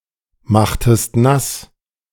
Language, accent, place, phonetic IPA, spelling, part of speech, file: German, Germany, Berlin, [ˌmaxtəst ˈnas], machtest nass, verb, De-machtest nass.ogg
- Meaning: inflection of nassmachen: 1. second-person singular preterite 2. second-person singular subjunctive II